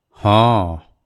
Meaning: yes
- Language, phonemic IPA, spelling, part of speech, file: Odia, /hɔ̃/, ହଁ, interjection, Or-ହଁ.wav